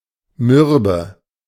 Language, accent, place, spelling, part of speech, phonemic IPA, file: German, Germany, Berlin, mürbe, adjective, /ˈmʏʁbə/, De-mürbe.ogg
- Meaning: 1. tender (as meat), mushy (as fruit) 2. crumbly, about to crumble; short (as a pastry) 3. worn-out, fatigued, exhausted